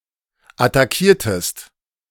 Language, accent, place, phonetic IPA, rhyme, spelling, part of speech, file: German, Germany, Berlin, [ataˈkiːɐ̯təst], -iːɐ̯təst, attackiertest, verb, De-attackiertest.ogg
- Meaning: inflection of attackieren: 1. second-person singular preterite 2. second-person singular subjunctive II